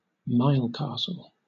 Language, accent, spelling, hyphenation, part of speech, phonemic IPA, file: English, Southern England, milecastle, mile‧cas‧tle, noun, /ˈmaɪlˌkɑːsl̩/, LL-Q1860 (eng)-milecastle.wav
- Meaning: One of a series of small rectangular fortifications, spaced roughly one Roman mile apart, built during the period of the Roman Empire